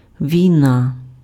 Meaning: war
- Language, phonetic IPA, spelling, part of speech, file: Ukrainian, [ʋʲii̯ˈna], війна, noun, Uk-війна.ogg